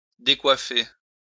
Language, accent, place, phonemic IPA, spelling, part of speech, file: French, France, Lyon, /de.kwa.fe/, décoiffer, verb, LL-Q150 (fra)-décoiffer.wav
- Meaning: 1. to mess up someone's hair 2. to knock someone's hat off 3. to take one's breath away (be mindblowing)